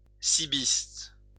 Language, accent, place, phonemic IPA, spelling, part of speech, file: French, France, Lyon, /si.bist/, cibiste, noun, LL-Q150 (fra)-cibiste.wav
- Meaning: breaker (user of CB radio)